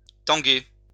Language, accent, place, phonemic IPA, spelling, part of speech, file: French, France, Lyon, /tɑ̃.ɡe/, tanguer, verb, LL-Q150 (fra)-tanguer.wav
- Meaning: 1. to sway back and forth 2. to spin, sway (seem to be moving) 3. to shake (not perform well)